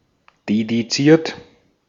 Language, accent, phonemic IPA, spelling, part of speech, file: German, Austria, /dediˈt͡siːɐ̯t/, dediziert, verb / adjective, De-at-dediziert.ogg
- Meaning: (verb) past participle of dedizieren; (adjective) dedicated